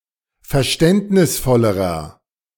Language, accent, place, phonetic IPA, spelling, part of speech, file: German, Germany, Berlin, [fɛɐ̯ˈʃtɛntnɪsˌfɔləʁɐ], verständnisvollerer, adjective, De-verständnisvollerer.ogg
- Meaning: inflection of verständnisvoll: 1. strong/mixed nominative masculine singular comparative degree 2. strong genitive/dative feminine singular comparative degree